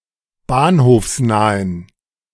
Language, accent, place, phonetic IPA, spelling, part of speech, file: German, Germany, Berlin, [ˈbaːnhoːfsˌnaːən], bahnhofsnahen, adjective, De-bahnhofsnahen.ogg
- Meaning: inflection of bahnhofsnah: 1. strong genitive masculine/neuter singular 2. weak/mixed genitive/dative all-gender singular 3. strong/weak/mixed accusative masculine singular 4. strong dative plural